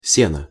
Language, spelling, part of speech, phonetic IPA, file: Russian, сено, noun, [ˈsʲenə], Ru-сено.ogg
- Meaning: hay